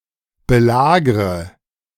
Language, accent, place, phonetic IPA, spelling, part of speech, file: German, Germany, Berlin, [bəˈlaːɡʁə], belagre, verb, De-belagre.ogg
- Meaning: inflection of belagern: 1. first-person singular present 2. first/third-person singular subjunctive I 3. singular imperative